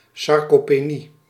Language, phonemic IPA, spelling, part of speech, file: Dutch, /ˌsɑrkopeˈni/, sarcopenie, noun, Nl-sarcopenie.ogg
- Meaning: gradual age-related loss of skeletal muscle; sarcopenia